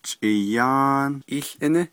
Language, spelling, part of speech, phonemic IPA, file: Navajo, chʼiyáán ííłʼíní, noun, /t͡ʃʼɪ̀jɑ́ːn ʔíːɬʔɪ́nɪ́/, Nv-chʼiyáán ííłʼíní.ogg
- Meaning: cook, chef